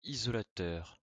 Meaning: insulator, isolator
- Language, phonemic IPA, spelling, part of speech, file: French, /i.zɔ.la.tœʁ/, isolateur, noun, LL-Q150 (fra)-isolateur.wav